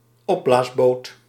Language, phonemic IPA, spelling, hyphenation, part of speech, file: Dutch, /ˈɔ.blaːs.ˌboːt/, opblaasboot, op‧blaas‧boot, noun, Nl-opblaasboot.ogg
- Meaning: inflatable boat